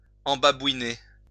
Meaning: to flatter, butter up
- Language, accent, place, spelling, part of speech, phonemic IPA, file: French, France, Lyon, embabouiner, verb, /ɑ̃.ba.bwi.ne/, LL-Q150 (fra)-embabouiner.wav